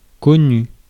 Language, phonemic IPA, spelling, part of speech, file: French, /kɔ.ny/, connu, adjective / noun / verb, Fr-connu.ogg
- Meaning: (adjective) 1. known 2. famous; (noun) a well-known person; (verb) past participle of connaître